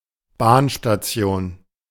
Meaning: railway depot, railroad station, railway station, train station
- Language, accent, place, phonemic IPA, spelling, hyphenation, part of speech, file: German, Germany, Berlin, /ˈbaːnʃtaˌt͡si̯oːn/, Bahnstation, Bahn‧sta‧tion, noun, De-Bahnstation.ogg